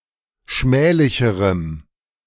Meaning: strong dative masculine/neuter singular comparative degree of schmählich
- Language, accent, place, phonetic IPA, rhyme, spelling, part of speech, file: German, Germany, Berlin, [ˈʃmɛːlɪçəʁəm], -ɛːlɪçəʁəm, schmählicherem, adjective, De-schmählicherem.ogg